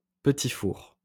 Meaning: petit four
- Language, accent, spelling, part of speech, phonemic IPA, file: French, France, petit four, noun, /pə.ti fuʁ/, LL-Q150 (fra)-petit four.wav